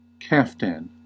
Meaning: 1. A long tunic worn in the Eastern Mediterranean 2. A long dress or shirt similar in style to those worn in the Eastern Mediterranean
- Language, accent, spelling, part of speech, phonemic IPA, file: English, US, kaftan, noun, /ˈkæf.tæn/, En-us-kaftan.ogg